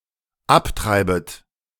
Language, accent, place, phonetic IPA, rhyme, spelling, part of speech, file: German, Germany, Berlin, [ˈapˌtʁaɪ̯bət], -aptʁaɪ̯bət, abtreibet, verb, De-abtreibet.ogg
- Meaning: second-person plural dependent subjunctive I of abtreiben